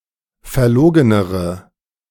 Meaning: inflection of verlogen: 1. strong/mixed nominative/accusative feminine singular comparative degree 2. strong nominative/accusative plural comparative degree
- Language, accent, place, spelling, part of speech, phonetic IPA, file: German, Germany, Berlin, verlogenere, adjective, [fɛɐ̯ˈloːɡənəʁə], De-verlogenere.ogg